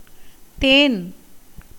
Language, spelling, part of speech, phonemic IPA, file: Tamil, தேன், noun, /t̪eːn/, Ta-தேன்.ogg
- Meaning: honey (a sweet, viscous, gold-colored fluid produced from plant nectar by bees, and often consumed by humans)